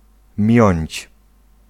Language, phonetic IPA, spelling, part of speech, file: Polish, [mʲjɔ̇̃ɲt͡ɕ], miąć, verb, Pl-miąć.ogg